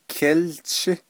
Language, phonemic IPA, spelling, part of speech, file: Navajo, /kɛ́lt͡ʃʰɪ́/, kélchí, noun, Nv-kélchí.ogg
- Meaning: moccasin (men’s moccasins, smaller versions of women’s moccasins)